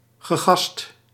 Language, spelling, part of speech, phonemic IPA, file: Dutch, gegast, verb, /ɣəˈɣɑst/, Nl-gegast.ogg
- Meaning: past participle of gassen